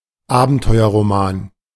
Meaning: adventure novel
- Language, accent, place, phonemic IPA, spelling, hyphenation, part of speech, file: German, Germany, Berlin, /ˈaːbn̩tɔɪ̯ɐʁoˌmaːn/, Abenteuerroman, Aben‧teu‧er‧ro‧man, noun, De-Abenteuerroman.ogg